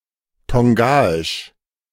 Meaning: of Tonga; Tongan
- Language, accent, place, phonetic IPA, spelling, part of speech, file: German, Germany, Berlin, [ˈtɔŋɡaɪʃ], tongaisch, adjective, De-tongaisch.ogg